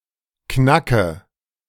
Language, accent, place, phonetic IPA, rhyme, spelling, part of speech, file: German, Germany, Berlin, [ˈknakə], -akə, knacke, verb, De-knacke.ogg
- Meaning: inflection of knacken: 1. first-person singular present 2. first/third-person singular subjunctive I 3. singular imperative